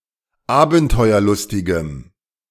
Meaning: strong dative masculine/neuter singular of abenteuerlustig
- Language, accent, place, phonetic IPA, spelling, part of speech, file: German, Germany, Berlin, [ˈaːbn̩tɔɪ̯ɐˌlʊstɪɡəm], abenteuerlustigem, adjective, De-abenteuerlustigem.ogg